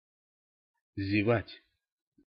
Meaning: 1. to yawn 2. to gape 3. to miss (a train, a stop, a chance, an opportunity, etc.)
- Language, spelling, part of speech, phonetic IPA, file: Russian, зевать, verb, [zʲɪˈvatʲ], Ru-зевать.ogg